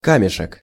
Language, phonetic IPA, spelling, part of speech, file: Russian, [ˈkamʲɪʂɨk], камешек, noun, Ru-камешек.ogg
- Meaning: diminutive of ка́мень (kámenʹ): stone, rock, pebble